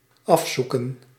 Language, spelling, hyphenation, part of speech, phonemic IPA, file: Dutch, afzoeken, af‧zoe‧ken, verb, /ˈɑfˌsukə(n)/, Nl-afzoeken.ogg
- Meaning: to search (an area) thoroughly